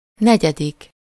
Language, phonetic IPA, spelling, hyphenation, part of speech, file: Hungarian, [ˈnɛɟɛdik], negyedik, ne‧gye‧dik, numeral, Hu-negyedik.ogg
- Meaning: 1. fourth 2. fourth grade (the period in school that comes after third grade and before fifth grade)